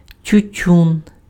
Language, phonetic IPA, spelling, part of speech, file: Ukrainian, [tʲʊˈtʲun], тютюн, noun, Uk-тютюн.ogg
- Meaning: tobacco (plant and its leaves used for smoking)